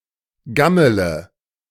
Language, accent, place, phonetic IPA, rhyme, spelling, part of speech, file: German, Germany, Berlin, [ˈɡamələ], -amələ, gammele, verb, De-gammele.ogg
- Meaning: inflection of gammeln: 1. first-person singular present 2. first-person plural subjunctive I 3. third-person singular subjunctive I 4. singular imperative